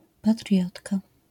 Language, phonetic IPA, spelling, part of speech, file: Polish, [paˈtrʲjɔtka], patriotka, noun, LL-Q809 (pol)-patriotka.wav